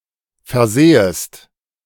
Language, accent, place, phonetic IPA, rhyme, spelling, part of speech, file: German, Germany, Berlin, [fɛɐ̯ˈzɛːəst], -ɛːəst, versähest, verb, De-versähest.ogg
- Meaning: second-person singular subjunctive II of versehen